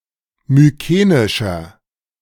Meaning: inflection of mykenisch: 1. strong/mixed nominative masculine singular 2. strong genitive/dative feminine singular 3. strong genitive plural
- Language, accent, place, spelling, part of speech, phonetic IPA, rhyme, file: German, Germany, Berlin, mykenischer, adjective, [myˈkeːnɪʃɐ], -eːnɪʃɐ, De-mykenischer.ogg